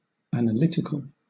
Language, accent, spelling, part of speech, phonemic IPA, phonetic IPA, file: English, Southern England, analytical, adjective, /ˌæn.əˈlɪt.ɪ.kəl/, [ˌæn.əˈlɪt.ɪ.kɫ̩], LL-Q1860 (eng)-analytical.wav
- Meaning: 1. Of or pertaining to analysis; resolving into elements or constituent parts 2. Using analytic reasoning as opposed to synthetic